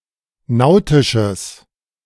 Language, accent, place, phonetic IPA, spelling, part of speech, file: German, Germany, Berlin, [ˈnaʊ̯tɪʃəs], nautisches, adjective, De-nautisches.ogg
- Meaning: strong/mixed nominative/accusative neuter singular of nautisch